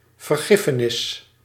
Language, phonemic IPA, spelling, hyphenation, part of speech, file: Dutch, /vərˈɣɪfənɪs/, vergiffenis, ver‧gif‧fe‧nis, noun, Nl-vergiffenis.ogg
- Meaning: forgiveness